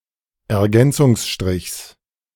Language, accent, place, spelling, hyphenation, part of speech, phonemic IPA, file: German, Germany, Berlin, Ergänzungsstrichs, Er‧gän‧zungs‧strichs, noun, /ɛɐ̯ˈɡɛnt͡sʊŋsʃtʁɪçs/, De-Ergänzungsstrichs.ogg
- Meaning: genitive singular of Ergänzungsstrich